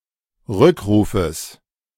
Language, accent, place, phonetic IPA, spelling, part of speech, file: German, Germany, Berlin, [ˈʁʏkˌʁuːfəs], Rückrufes, noun, De-Rückrufes.ogg
- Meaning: genitive of Rückruf